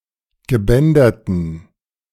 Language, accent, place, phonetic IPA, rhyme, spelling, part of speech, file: German, Germany, Berlin, [ɡəˈbɛndɐtn̩], -ɛndɐtn̩, gebänderten, adjective, De-gebänderten.ogg
- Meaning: inflection of gebändert: 1. strong genitive masculine/neuter singular 2. weak/mixed genitive/dative all-gender singular 3. strong/weak/mixed accusative masculine singular 4. strong dative plural